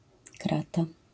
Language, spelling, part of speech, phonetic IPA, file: Polish, krata, noun, [ˈkrata], LL-Q809 (pol)-krata.wav